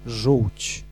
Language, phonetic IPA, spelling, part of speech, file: Polish, [ʒuwʲt͡ɕ], żółć, noun / verb, Pl-żółć.ogg